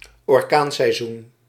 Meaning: hurricane season
- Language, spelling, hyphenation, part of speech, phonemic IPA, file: Dutch, orkaanseizoen, or‧kaan‧sei‧zoen, noun, /ɔrˈkaːn.sɛi̯ˌzun/, Nl-orkaanseizoen.ogg